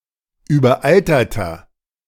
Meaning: inflection of überaltert: 1. strong/mixed nominative masculine singular 2. strong genitive/dative feminine singular 3. strong genitive plural
- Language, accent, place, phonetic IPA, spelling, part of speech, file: German, Germany, Berlin, [yːbɐˈʔaltɐtɐ], überalterter, adjective, De-überalterter.ogg